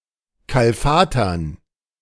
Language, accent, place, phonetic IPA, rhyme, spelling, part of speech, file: German, Germany, Berlin, [ˌkalˈfaːtɐn], -aːtɐn, kalfatern, verb, De-kalfatern.ogg
- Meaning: to caulk (to seal joints with caulk)